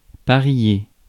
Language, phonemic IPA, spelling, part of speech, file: French, /pa.ʁje/, parier, verb, Fr-parier.ogg
- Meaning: 1. to mate, couple 2. to bet (make a guess about the outcome of an event)